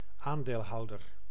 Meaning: shareholder
- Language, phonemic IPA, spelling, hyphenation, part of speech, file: Dutch, /ˈaːn.deːlˌɦɑu̯.dər/, aandeelhouder, aan‧deel‧hou‧der, noun, Nl-aandeelhouder.ogg